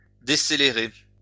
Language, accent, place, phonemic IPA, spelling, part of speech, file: French, France, Lyon, /de.se.le.ʁe/, décélérer, verb, LL-Q150 (fra)-décélérer.wav
- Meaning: to decelerate, to slow down